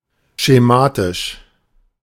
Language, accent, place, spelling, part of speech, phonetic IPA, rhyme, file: German, Germany, Berlin, schematisch, adjective, [ʃeˈmaːtɪʃ], -aːtɪʃ, De-schematisch.ogg
- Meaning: 1. schematic, diagrammatic 2. mechanical